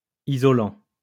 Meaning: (verb) present participle of isoler; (adjective) 1. insulating 2. isolating; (noun) insulator
- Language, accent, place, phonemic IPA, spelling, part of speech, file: French, France, Lyon, /i.zɔ.lɑ̃/, isolant, verb / adjective / noun, LL-Q150 (fra)-isolant.wav